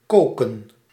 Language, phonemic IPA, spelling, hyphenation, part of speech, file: Dutch, /ˈkoː.kə(n)/, koken, ko‧ken, verb, Nl-koken.ogg
- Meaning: 1. to cook, boil 2. to seethe, boil with anger